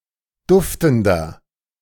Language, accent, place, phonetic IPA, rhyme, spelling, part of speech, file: German, Germany, Berlin, [ˈdʊftn̩dɐ], -ʊftn̩dɐ, duftender, adjective, De-duftender.ogg
- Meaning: 1. comparative degree of duftend 2. inflection of duftend: strong/mixed nominative masculine singular 3. inflection of duftend: strong genitive/dative feminine singular